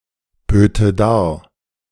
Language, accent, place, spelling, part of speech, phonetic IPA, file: German, Germany, Berlin, böte dar, verb, [ˌbøːtə ˈdaːɐ̯], De-böte dar.ogg
- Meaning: first/third-person singular subjunctive II of darbieten